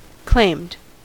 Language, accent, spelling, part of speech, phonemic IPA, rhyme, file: English, US, claimed, verb, /kleɪmd/, -eɪmd, En-us-claimed.ogg
- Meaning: simple past and past participle of claim